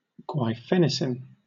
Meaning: Glyceryl guaiacolate, an expectorant drug used to assist the expectoration of phlegm from the airways in acute respiratory tract infections
- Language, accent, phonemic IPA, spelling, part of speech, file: English, Southern England, /ɡwaɪˈfɛnɪsɪn/, guaifenesin, noun, LL-Q1860 (eng)-guaifenesin.wav